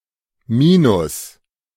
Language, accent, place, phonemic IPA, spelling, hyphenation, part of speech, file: German, Germany, Berlin, /ˈmiːnʊs/, Minus, Mi‧nus, noun, De-Minus.ogg
- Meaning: 1. minus (negative quantity) 2. minus (defect or deficiency) 3. minus (minus sign)